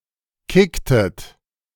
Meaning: inflection of kicken: 1. second-person plural preterite 2. second-person plural subjunctive II
- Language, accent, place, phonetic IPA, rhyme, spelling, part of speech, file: German, Germany, Berlin, [ˈkɪktət], -ɪktət, kicktet, verb, De-kicktet.ogg